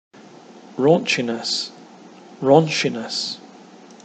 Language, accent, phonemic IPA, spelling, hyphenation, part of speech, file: English, Received Pronunciation, /ˈɹɔːn(t)ʃɪnəs/, raunchiness, raun‧chi‧ness, noun, En-uk-raunchiness.ogg
- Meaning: The characteristic of being raunchy; sleaze, titillation